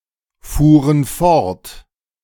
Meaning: first/third-person plural preterite of fortfahren
- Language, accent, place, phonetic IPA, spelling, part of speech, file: German, Germany, Berlin, [ˌfuːʁən ˈfɔʁt], fuhren fort, verb, De-fuhren fort.ogg